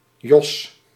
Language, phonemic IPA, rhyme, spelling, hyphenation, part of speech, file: Dutch, /jɔs/, -ɔs, Jos, Jos, proper noun, Nl-Jos.ogg
- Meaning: a male given name